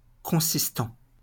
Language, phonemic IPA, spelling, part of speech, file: French, /kɔ̃.sis.tɑ̃/, consistant, verb / adjective, LL-Q150 (fra)-consistant.wav
- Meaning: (verb) present participle of consister; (adjective) solid, thick